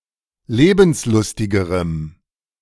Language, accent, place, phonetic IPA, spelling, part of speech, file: German, Germany, Berlin, [ˈleːbn̩sˌlʊstɪɡəʁəm], lebenslustigerem, adjective, De-lebenslustigerem.ogg
- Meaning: strong dative masculine/neuter singular comparative degree of lebenslustig